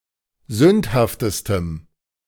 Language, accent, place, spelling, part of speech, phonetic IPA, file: German, Germany, Berlin, sündhaftestem, adjective, [ˈzʏnthaftəstəm], De-sündhaftestem.ogg
- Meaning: strong dative masculine/neuter singular superlative degree of sündhaft